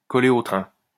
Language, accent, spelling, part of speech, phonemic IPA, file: French, France, coller au train, verb, /kɔ.le o tʁɛ̃/, LL-Q150 (fra)-coller au train.wav
- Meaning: 1. to tailgate 2. to follow (someone) everywhere, to breathe down someone's neck, to stay close to (someone) all the time, to stick to (someone) like glue, like a leech, to dog (someone's) footsteps